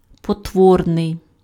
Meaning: ugly, hideous
- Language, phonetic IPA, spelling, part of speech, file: Ukrainian, [pɔtˈwɔrnei̯], потворний, adjective, Uk-потворний.ogg